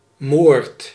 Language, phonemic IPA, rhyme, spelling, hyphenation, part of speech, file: Dutch, /moːrt/, -oːrt, moord, moord, noun / verb, Nl-moord.ogg
- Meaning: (noun) 1. murder, a type of killing legally in a more severe degree than homicide 2. a tragedy, something extremely grave; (verb) inflection of moorden: first-person singular present indicative